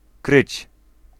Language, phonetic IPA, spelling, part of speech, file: Polish, [krɨt͡ɕ], kryć, verb, Pl-kryć.ogg